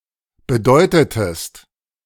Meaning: inflection of bedeuten: 1. second-person singular preterite 2. second-person singular subjunctive II
- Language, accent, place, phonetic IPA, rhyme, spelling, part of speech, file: German, Germany, Berlin, [bəˈdɔɪ̯tətəst], -ɔɪ̯tətəst, bedeutetest, verb, De-bedeutetest.ogg